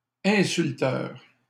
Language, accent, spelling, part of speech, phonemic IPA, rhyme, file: French, Canada, insulteur, noun, /ɛ̃.syl.tœʁ/, -œʁ, LL-Q150 (fra)-insulteur.wav
- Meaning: insulter